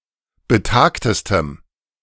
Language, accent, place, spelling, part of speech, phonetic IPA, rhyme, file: German, Germany, Berlin, betagtestem, adjective, [bəˈtaːktəstəm], -aːktəstəm, De-betagtestem.ogg
- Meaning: strong dative masculine/neuter singular superlative degree of betagt